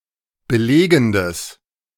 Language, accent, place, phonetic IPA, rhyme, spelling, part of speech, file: German, Germany, Berlin, [bəˈleːɡn̩dəs], -eːɡn̩dəs, belegendes, adjective, De-belegendes.ogg
- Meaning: strong/mixed nominative/accusative neuter singular of belegend